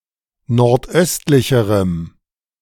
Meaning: strong dative masculine/neuter singular comparative degree of nordöstlich
- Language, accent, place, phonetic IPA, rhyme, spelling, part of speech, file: German, Germany, Berlin, [nɔʁtˈʔœstlɪçəʁəm], -œstlɪçəʁəm, nordöstlicherem, adjective, De-nordöstlicherem.ogg